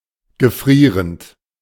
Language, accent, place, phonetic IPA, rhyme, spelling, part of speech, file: German, Germany, Berlin, [ɡəˈfʁiːʁənt], -iːʁənt, gefrierend, verb, De-gefrierend.ogg
- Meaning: present participle of gefrieren